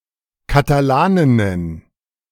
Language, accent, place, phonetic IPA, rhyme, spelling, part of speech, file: German, Germany, Berlin, [kataˈlaːnɪnən], -aːnɪnən, Katalaninnen, noun, De-Katalaninnen.ogg
- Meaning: plural of Katalanin